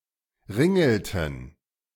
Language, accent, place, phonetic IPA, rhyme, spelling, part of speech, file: German, Germany, Berlin, [ˈʁɪŋl̩tn̩], -ɪŋl̩tn̩, ringelten, verb, De-ringelten.ogg
- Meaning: inflection of ringeln: 1. first/third-person plural preterite 2. first/third-person plural subjunctive II